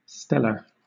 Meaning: 1. Of, pertaining to, or characteristic of stars 2. Heavenly 3. Exceptional, exceptionally good
- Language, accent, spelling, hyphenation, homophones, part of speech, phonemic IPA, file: English, Southern England, stellar, stel‧lar, steller / Steller / Stella, adjective, /ˈstɛl.ə/, LL-Q1860 (eng)-stellar.wav